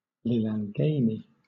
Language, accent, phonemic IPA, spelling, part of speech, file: English, Southern England, /ˌlɪlæŋˈɡeɪni/, lilangeni, noun, LL-Q1860 (eng)-lilangeni.wav
- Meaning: The currency of Eswatini